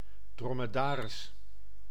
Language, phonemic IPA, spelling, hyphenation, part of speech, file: Dutch, /ˌdrɔ.məˈdaː.rɪs/, dromedaris, dro‧me‧da‧ris, noun, Nl-dromedaris.ogg
- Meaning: dromedary, dromedary camel